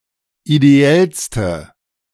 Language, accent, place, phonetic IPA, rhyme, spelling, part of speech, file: German, Germany, Berlin, [ideˈɛlstə], -ɛlstə, ideellste, adjective, De-ideellste.ogg
- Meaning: inflection of ideell: 1. strong/mixed nominative/accusative feminine singular superlative degree 2. strong nominative/accusative plural superlative degree